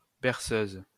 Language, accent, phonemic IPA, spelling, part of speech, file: French, France, /bɛʁ.søz/, berceuse, noun, LL-Q150 (fra)-berceuse.wav
- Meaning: 1. cradler, someone who cradles or rocks a baby 2. ellipsis of chanson berceuse: a lullaby 3. ellipsis of chaise berceuse: a rocking chair